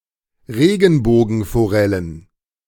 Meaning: plural of Regenbogenforelle
- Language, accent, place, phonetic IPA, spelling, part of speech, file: German, Germany, Berlin, [ˈʁeːɡn̩boːɡn̩foˌʁɛlən], Regenbogenforellen, noun, De-Regenbogenforellen.ogg